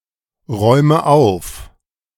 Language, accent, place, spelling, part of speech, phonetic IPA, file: German, Germany, Berlin, räume auf, verb, [ˌʁɔɪ̯mə ˈaʊ̯f], De-räume auf.ogg
- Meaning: inflection of aufräumen: 1. first-person singular present 2. first/third-person singular subjunctive I 3. singular imperative